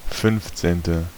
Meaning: fifteenth
- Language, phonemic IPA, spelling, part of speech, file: German, /ˈfʏnftseːntə/, fünfzehnte, adjective, De-fünfzehnte.ogg